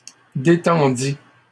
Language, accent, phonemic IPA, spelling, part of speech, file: French, Canada, /de.tɑ̃.di/, détendis, verb, LL-Q150 (fra)-détendis.wav
- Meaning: first/second-person singular past historic of détendre